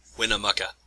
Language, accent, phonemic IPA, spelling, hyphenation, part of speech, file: English, US, /ˌwɪnəˈmʌkə/, Winnemucca, Win‧ne‧muc‧ca, proper noun, EN-US-Winnemucca.ogg
- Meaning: A city, the county seat of Humboldt County, Nevada, United States